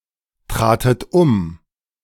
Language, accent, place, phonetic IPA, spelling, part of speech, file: German, Germany, Berlin, [ˌtʁaːtət ˈʊm], tratet um, verb, De-tratet um.ogg
- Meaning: second-person plural preterite of umtreten